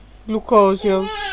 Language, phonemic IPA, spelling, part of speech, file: Italian, /ɡluˈkɔzjo/, glucosio, noun, It-glucosio.ogg